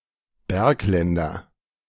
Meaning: nominative/accusative/genitive plural of Bergland
- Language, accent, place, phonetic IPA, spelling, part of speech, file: German, Germany, Berlin, [ˈbɛʁkˌlɛndɐ], Bergländer, noun, De-Bergländer.ogg